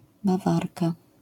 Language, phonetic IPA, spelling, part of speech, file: Polish, [baˈvarka], bawarka, noun, LL-Q809 (pol)-bawarka.wav